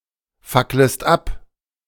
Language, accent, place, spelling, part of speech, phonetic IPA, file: German, Germany, Berlin, facklest ab, verb, [ˌfakləst ˈap], De-facklest ab.ogg
- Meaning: second-person singular subjunctive I of abfackeln